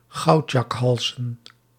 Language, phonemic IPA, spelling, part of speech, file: Dutch, /ˈɣɑutjɑkhɑls/, goudjakhalzen, noun, Nl-goudjakhalzen.ogg
- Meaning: plural of goudjakhals